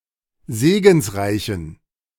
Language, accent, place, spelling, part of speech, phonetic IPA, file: German, Germany, Berlin, segensreichen, adjective, [ˈzeːɡn̩sˌʁaɪ̯çn̩], De-segensreichen.ogg
- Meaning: inflection of segensreich: 1. strong genitive masculine/neuter singular 2. weak/mixed genitive/dative all-gender singular 3. strong/weak/mixed accusative masculine singular 4. strong dative plural